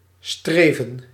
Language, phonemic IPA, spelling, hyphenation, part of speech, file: Dutch, /ˈstreː.və(n)/, streven, stre‧ven, verb, Nl-streven.ogg
- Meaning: 1. to strive 2. to study hard 3. to move (forward)